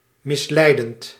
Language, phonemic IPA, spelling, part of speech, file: Dutch, /mɪsˈlɛidənt/, misleidend, verb / adjective, Nl-misleidend.ogg
- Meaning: present participle of misleiden